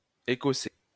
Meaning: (adjective) Scottish; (noun) 1. Scottish Gaelic language 2. Scots language; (verb) first/second-person singular imperfect indicative of écosser
- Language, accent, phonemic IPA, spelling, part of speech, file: French, France, /e.kɔ.sɛ/, écossais, adjective / noun / verb, LL-Q150 (fra)-écossais.wav